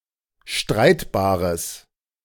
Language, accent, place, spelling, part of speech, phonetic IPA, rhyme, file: German, Germany, Berlin, streitbares, adjective, [ˈʃtʁaɪ̯tbaːʁəs], -aɪ̯tbaːʁəs, De-streitbares.ogg
- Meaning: strong/mixed nominative/accusative neuter singular of streitbar